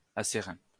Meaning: steely
- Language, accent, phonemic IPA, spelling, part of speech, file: French, France, /a.se.ʁɛ̃/, acérain, adjective, LL-Q150 (fra)-acérain.wav